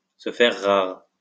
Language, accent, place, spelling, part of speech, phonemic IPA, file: French, France, Lyon, se faire rare, verb, /sə fɛʁ ʁaʁ/, LL-Q150 (fra)-se faire rare.wav
- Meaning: 1. to become scarce, to become rare 2. to become scarce, to become rare: to be thinning